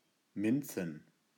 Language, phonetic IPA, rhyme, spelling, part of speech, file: German, [ˈmɪnt͡sn̩], -ɪnt͡sn̩, Minzen, noun, De-Minzen.ogg
- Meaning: plural of Minze